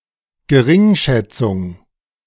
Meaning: contemptuousness
- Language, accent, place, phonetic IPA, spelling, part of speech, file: German, Germany, Berlin, [ɡəˈʁɪŋˌʃɛt͡sʊŋ], Geringschätzung, noun, De-Geringschätzung.ogg